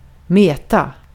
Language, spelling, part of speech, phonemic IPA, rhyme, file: Swedish, mäta, verb, /mɛːta/, -ɛːta, Sv-mäta.ogg
- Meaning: to measure (determine a measurement with respect to some unit)